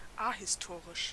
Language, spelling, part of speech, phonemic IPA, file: German, ahistorisch, adjective, /ˈahɪsˌtoːʁɪʃ/, De-ahistorisch.ogg
- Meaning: ahistorical